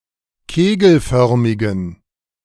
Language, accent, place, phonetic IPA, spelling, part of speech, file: German, Germany, Berlin, [ˈkeːɡl̩ˌfœʁmɪɡn̩], kegelförmigen, adjective, De-kegelförmigen.ogg
- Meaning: inflection of kegelförmig: 1. strong genitive masculine/neuter singular 2. weak/mixed genitive/dative all-gender singular 3. strong/weak/mixed accusative masculine singular 4. strong dative plural